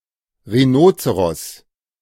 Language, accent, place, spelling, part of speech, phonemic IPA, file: German, Germany, Berlin, Rhinozeros, noun, /ʁiˈnoːtsəʁɔs/, De-Rhinozeros.ogg
- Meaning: synonym of Nashorn (“rhinoceros”)